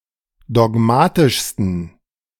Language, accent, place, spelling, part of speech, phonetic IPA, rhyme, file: German, Germany, Berlin, dogmatischsten, adjective, [dɔˈɡmaːtɪʃstn̩], -aːtɪʃstn̩, De-dogmatischsten.ogg
- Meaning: 1. superlative degree of dogmatisch 2. inflection of dogmatisch: strong genitive masculine/neuter singular superlative degree